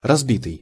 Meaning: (verb) past passive perfective participle of разби́ть (razbítʹ); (adjective) 1. broken 2. jaded
- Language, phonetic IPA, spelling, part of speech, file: Russian, [rɐzˈbʲitɨj], разбитый, verb / adjective, Ru-разбитый.ogg